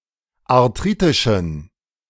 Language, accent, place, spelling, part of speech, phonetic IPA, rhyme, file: German, Germany, Berlin, arthritischen, adjective, [aʁˈtʁiːtɪʃn̩], -iːtɪʃn̩, De-arthritischen.ogg
- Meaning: inflection of arthritisch: 1. strong genitive masculine/neuter singular 2. weak/mixed genitive/dative all-gender singular 3. strong/weak/mixed accusative masculine singular 4. strong dative plural